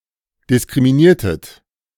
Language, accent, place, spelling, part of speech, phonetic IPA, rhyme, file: German, Germany, Berlin, diskriminiertet, verb, [dɪskʁimiˈniːɐ̯tət], -iːɐ̯tət, De-diskriminiertet.ogg
- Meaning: inflection of diskriminieren: 1. second-person plural preterite 2. second-person plural subjunctive II